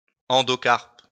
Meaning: endocarp
- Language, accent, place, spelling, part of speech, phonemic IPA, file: French, France, Lyon, endocarpe, noun, /ɑ̃.dɔ.kaʁp/, LL-Q150 (fra)-endocarpe.wav